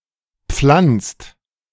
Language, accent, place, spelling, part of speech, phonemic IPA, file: German, Germany, Berlin, pflanzt, verb, /pflantst/, De-pflanzt.ogg
- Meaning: inflection of pflanzen: 1. second/third-person singular present 2. second-person plural present 3. plural imperative